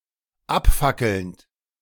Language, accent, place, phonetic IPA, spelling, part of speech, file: German, Germany, Berlin, [ˈapˌfakl̩nt], abfackelnd, verb, De-abfackelnd.ogg
- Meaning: present participle of abfackeln